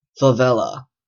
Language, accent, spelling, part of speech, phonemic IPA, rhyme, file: English, Canada, favela, noun, /fəˈvɛlə/, -ɛlə, En-ca-favela.oga
- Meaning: A slum or shantytown, especially in Brazil